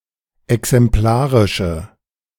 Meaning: inflection of exemplarisch: 1. strong/mixed nominative/accusative feminine singular 2. strong nominative/accusative plural 3. weak nominative all-gender singular
- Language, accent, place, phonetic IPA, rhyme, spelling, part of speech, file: German, Germany, Berlin, [ɛksɛmˈplaːʁɪʃə], -aːʁɪʃə, exemplarische, adjective, De-exemplarische.ogg